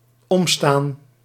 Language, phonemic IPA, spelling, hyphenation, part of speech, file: Dutch, /ˈɔmstan/, omstaan, om‧staan, verb, Nl-omstaan.ogg
- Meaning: to stand around